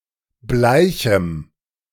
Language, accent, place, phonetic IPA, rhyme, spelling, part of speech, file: German, Germany, Berlin, [ˈblaɪ̯çm̩], -aɪ̯çm̩, bleichem, adjective, De-bleichem.ogg
- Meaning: strong dative masculine/neuter singular of bleich